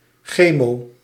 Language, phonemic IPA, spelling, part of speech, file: Dutch, /ˈxeː.moː/, chemo-, prefix, Nl-chemo-.ogg
- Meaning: chemo-